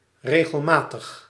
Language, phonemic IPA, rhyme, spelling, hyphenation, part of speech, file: Dutch, /ˌreː.ɣəlˈmaː.təx/, -aːtəx, regelmatig, re‧gel‧ma‧tig, adjective, Nl-regelmatig.ogg
- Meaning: regular